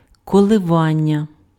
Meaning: 1. verbal noun of колива́тися impf (kolyvátysja) 2. oscillation, vibration 3. fluctuation 4. hesitation, hesitancy, vacillation, wavering
- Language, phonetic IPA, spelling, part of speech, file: Ukrainian, [kɔɫeˈʋanʲːɐ], коливання, noun, Uk-коливання.ogg